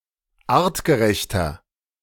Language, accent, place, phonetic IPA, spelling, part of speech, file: German, Germany, Berlin, [ˈaːʁtɡəˌʁɛçtɐ], artgerechter, adjective, De-artgerechter.ogg
- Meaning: 1. comparative degree of artgerecht 2. inflection of artgerecht: strong/mixed nominative masculine singular 3. inflection of artgerecht: strong genitive/dative feminine singular